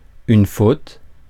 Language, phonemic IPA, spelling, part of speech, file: French, /fot/, faute, noun, Fr-faute.ogg
- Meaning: 1. error, mistake 2. fault, blame 3. wrong, misdemeanor 4. foul, fault (infraction of the rules)